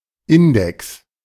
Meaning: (noun) index
- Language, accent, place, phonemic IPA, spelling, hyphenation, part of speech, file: German, Germany, Berlin, /ˈɪndɛks/, Index, In‧dex, noun / proper noun, De-Index.ogg